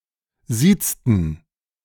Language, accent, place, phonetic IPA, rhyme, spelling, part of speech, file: German, Germany, Berlin, [ˈziːt͡stn̩], -iːt͡stn̩, siezten, verb, De-siezten.ogg
- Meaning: inflection of siezen: 1. first/third-person plural preterite 2. first/third-person plural subjunctive II